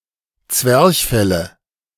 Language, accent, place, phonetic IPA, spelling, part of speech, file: German, Germany, Berlin, [ˈt͡svɛʁçˌfɛlə], Zwerchfelle, noun, De-Zwerchfelle.ogg
- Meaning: nominative/accusative/genitive plural of Zwerchfell